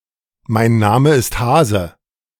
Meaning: I know (of) nothing; I am not involved
- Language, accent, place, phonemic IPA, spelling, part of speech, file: German, Germany, Berlin, /maɪ̯n ˈnaːmə ɪst ˈhaːzə/, mein Name ist Hase, phrase, De-mein Name ist Hase.ogg